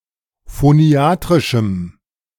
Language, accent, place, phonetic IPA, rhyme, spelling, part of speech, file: German, Germany, Berlin, [foˈni̯aːtʁɪʃm̩], -aːtʁɪʃm̩, phoniatrischem, adjective, De-phoniatrischem.ogg
- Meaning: strong dative masculine/neuter singular of phoniatrisch